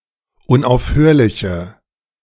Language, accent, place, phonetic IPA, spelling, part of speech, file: German, Germany, Berlin, [ʊnʔaʊ̯fˈhøːɐ̯lɪçə], unaufhörliche, adjective, De-unaufhörliche.ogg
- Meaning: inflection of unaufhörlich: 1. strong/mixed nominative/accusative feminine singular 2. strong nominative/accusative plural 3. weak nominative all-gender singular